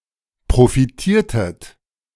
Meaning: inflection of profitieren: 1. second-person plural preterite 2. second-person plural subjunctive II
- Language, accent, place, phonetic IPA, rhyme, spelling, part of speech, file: German, Germany, Berlin, [pʁofiˈtiːɐ̯tət], -iːɐ̯tət, profitiertet, verb, De-profitiertet.ogg